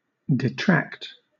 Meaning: 1. To take away; to withdraw or remove 2. To take credit or reputation from; to derogate; to defame or decry
- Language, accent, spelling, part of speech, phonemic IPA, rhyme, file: English, Southern England, detract, verb, /dɪˈtɹækt/, -ækt, LL-Q1860 (eng)-detract.wav